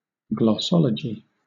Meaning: 1. The science of language; linguistics 2. The naming of parts of plants 3. The definition and explanation of terms in constructing a glossary 4. The diagnosis of disease by examination of the tongue
- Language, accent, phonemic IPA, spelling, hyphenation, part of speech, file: English, Southern England, /ɡlɒˈsɒlədʒi/, glossology, gloss‧o‧lo‧gy, noun, LL-Q1860 (eng)-glossology.wav